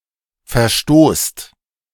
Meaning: inflection of verstoßen: 1. second-person plural present 2. plural imperative
- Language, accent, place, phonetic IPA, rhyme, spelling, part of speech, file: German, Germany, Berlin, [fɛɐ̯ˈʃtoːst], -oːst, verstoßt, verb, De-verstoßt.ogg